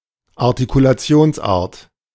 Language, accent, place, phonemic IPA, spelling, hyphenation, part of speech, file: German, Germany, Berlin, /aʁtikulaˈt͡si̯oːnsˌʔaːɐ̯t/, Artikulationsart, Ar‧ti‧ku‧la‧ti‧ons‧art, noun, De-Artikulationsart.ogg
- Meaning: manner of articulation